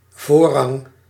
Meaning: 1. priority, precedence 2. right-of-way
- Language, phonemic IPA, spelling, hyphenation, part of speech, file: Dutch, /ˈvoː.rɑŋ/, voorrang, voor‧rang, noun, Nl-voorrang.ogg